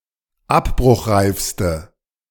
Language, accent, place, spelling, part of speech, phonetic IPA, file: German, Germany, Berlin, abbruchreifste, adjective, [ˈapbʁʊxˌʁaɪ̯fstə], De-abbruchreifste.ogg
- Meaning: inflection of abbruchreif: 1. strong/mixed nominative/accusative feminine singular superlative degree 2. strong nominative/accusative plural superlative degree